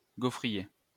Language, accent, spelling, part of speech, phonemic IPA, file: French, France, gaufrier, noun, /ɡo.fʁi.je/, LL-Q150 (fra)-gaufrier.wav
- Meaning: 1. waffle iron 2. comics page grid